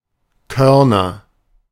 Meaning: nominative/accusative/genitive plural of Korn
- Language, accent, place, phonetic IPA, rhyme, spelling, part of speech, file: German, Germany, Berlin, [ˈkœʁnɐ], -œʁnɐ, Körner, noun / proper noun, De-Körner.ogg